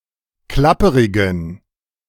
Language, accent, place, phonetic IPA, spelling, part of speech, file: German, Germany, Berlin, [ˈklapəʁɪɡn̩], klapperigen, adjective, De-klapperigen.ogg
- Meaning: inflection of klapperig: 1. strong genitive masculine/neuter singular 2. weak/mixed genitive/dative all-gender singular 3. strong/weak/mixed accusative masculine singular 4. strong dative plural